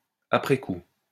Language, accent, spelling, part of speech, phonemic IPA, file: French, France, après coup, adverb, /a.pʁɛ ku/, LL-Q150 (fra)-après coup.wav
- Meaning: after the fact, afterwards, looking back